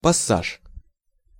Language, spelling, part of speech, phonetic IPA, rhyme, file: Russian, пассаж, noun, [pɐˈsaʂ], -aʂ, Ru-пассаж.ogg
- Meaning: 1. arcade, passage (covered passage, usually with shops on both sides) 2. passage 3. unexpected turn (of events)